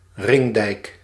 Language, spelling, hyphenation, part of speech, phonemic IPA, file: Dutch, ringdijk, ring‧dijk, noun, /ˈrɪŋ.dɛi̯k/, Nl-ringdijk.ogg
- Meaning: a ring dike, a looping embankment